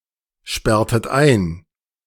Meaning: inflection of einsperren: 1. second-person plural preterite 2. second-person plural subjunctive II
- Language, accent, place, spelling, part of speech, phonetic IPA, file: German, Germany, Berlin, sperrtet ein, verb, [ˌʃpɛʁtət ˈaɪ̯n], De-sperrtet ein.ogg